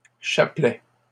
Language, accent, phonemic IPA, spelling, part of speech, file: French, Canada, /ʃa.plɛ/, chapelets, noun, LL-Q150 (fra)-chapelets.wav
- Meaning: plural of chapelet